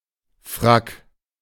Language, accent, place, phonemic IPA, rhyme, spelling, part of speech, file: German, Germany, Berlin, /fʁak/, -ak, Frack, noun, De-Frack.ogg
- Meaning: tailcoat